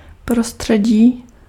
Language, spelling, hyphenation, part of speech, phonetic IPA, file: Czech, prostředí, pro‧stře‧dí, noun, [ˈprostr̝̊ɛɟiː], Cs-prostředí.ogg
- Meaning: environment